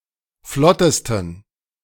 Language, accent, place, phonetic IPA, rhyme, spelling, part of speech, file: German, Germany, Berlin, [ˈflɔtəstn̩], -ɔtəstn̩, flottesten, adjective, De-flottesten.ogg
- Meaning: 1. superlative degree of flott 2. inflection of flott: strong genitive masculine/neuter singular superlative degree